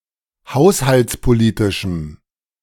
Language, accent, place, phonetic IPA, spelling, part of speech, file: German, Germany, Berlin, [ˈhaʊ̯shalt͡spoˌliːtɪʃm̩], haushaltspolitischem, adjective, De-haushaltspolitischem.ogg
- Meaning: strong dative masculine/neuter singular of haushaltspolitisch